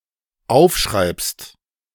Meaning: second-person singular dependent present of aufschreiben
- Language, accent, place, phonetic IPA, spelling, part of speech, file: German, Germany, Berlin, [ˈaʊ̯fˌʃʁaɪ̯pst], aufschreibst, verb, De-aufschreibst.ogg